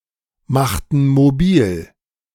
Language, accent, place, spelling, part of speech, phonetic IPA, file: German, Germany, Berlin, machten mobil, verb, [ˌmaxtn̩ moˈbiːl], De-machten mobil.ogg
- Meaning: inflection of mobilmachen: 1. first/third-person plural preterite 2. first/third-person plural subjunctive II